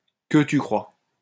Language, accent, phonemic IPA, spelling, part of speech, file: French, France, /kə ty kʁwa/, que tu crois, interjection, LL-Q150 (fra)-que tu crois.wav
- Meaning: not at all! far from it! you bet! not likely!